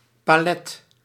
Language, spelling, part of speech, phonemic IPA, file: Dutch, palet, noun / verb, /paˈlɛt/, Nl-palet.ogg
- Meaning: palette